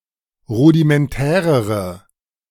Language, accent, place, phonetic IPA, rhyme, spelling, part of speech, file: German, Germany, Berlin, [ˌʁudimɛnˈtɛːʁəʁə], -ɛːʁəʁə, rudimentärere, adjective, De-rudimentärere.ogg
- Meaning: inflection of rudimentär: 1. strong/mixed nominative/accusative feminine singular comparative degree 2. strong nominative/accusative plural comparative degree